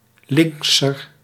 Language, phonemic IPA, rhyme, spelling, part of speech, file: Dutch, /lɪŋksər/, -ər, linkser, adjective, Nl-linkser.ogg
- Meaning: comparative degree of links